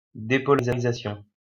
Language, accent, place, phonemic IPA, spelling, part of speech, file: French, France, Lyon, /de.pɔ.la.ʁi.za.sjɔ̃/, dépolarisation, noun, LL-Q150 (fra)-dépolarisation.wav
- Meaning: depolarization